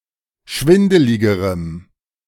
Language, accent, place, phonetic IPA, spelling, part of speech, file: German, Germany, Berlin, [ˈʃvɪndəlɪɡəʁəm], schwindeligerem, adjective, De-schwindeligerem.ogg
- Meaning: strong dative masculine/neuter singular comparative degree of schwindelig